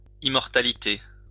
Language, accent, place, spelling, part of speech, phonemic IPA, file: French, France, Lyon, immortalité, noun, /im.mɔʁ.ta.li.te/, LL-Q150 (fra)-immortalité.wav
- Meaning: immortality